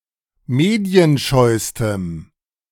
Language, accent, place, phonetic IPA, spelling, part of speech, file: German, Germany, Berlin, [ˈmeːdi̯ənˌʃɔɪ̯stəm], medienscheustem, adjective, De-medienscheustem.ogg
- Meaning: strong dative masculine/neuter singular superlative degree of medienscheu